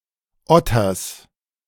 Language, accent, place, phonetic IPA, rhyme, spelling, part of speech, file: German, Germany, Berlin, [ˈɔtɐs], -ɔtɐs, Otters, noun, De-Otters.ogg
- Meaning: genitive singular of Otter